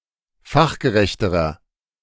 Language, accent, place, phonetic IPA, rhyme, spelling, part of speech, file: German, Germany, Berlin, [ˈfaxɡəˌʁɛçtəʁɐ], -axɡəʁɛçtəʁɐ, fachgerechterer, adjective, De-fachgerechterer.ogg
- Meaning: inflection of fachgerecht: 1. strong/mixed nominative masculine singular comparative degree 2. strong genitive/dative feminine singular comparative degree 3. strong genitive plural comparative degree